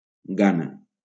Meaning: Ghana (a country in West Africa)
- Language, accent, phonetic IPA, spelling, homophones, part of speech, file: Catalan, Valencia, [ˈɡa.na], Ghana, gana, proper noun, LL-Q7026 (cat)-Ghana.wav